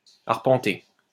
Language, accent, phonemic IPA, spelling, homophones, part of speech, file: French, France, /aʁ.pɑ̃.te/, arpenter, arpentai / arpenté / arpentée / arpentées / arpentés / arpentez, verb, LL-Q150 (fra)-arpenter.wav
- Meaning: 1. to survey land 2. to pace, to measure 3. to pace, to walk to and fro